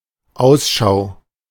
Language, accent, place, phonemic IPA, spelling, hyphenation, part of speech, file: German, Germany, Berlin, /ˈaʊ̯sˌʃaʊ̯/, Ausschau, Aus‧schau, noun, De-Ausschau.ogg
- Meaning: lookout